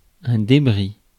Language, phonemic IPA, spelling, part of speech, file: French, /de.bʁi/, débris, noun, Fr-débris.ogg
- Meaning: debris